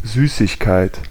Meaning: 1. sweet, candy (piece or kind of confectionery) 2. sweetness
- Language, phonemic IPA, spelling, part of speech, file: German, /ˈzyːsɪçˌkaɪ̯t/, Süßigkeit, noun, De-Süßigkeit.ogg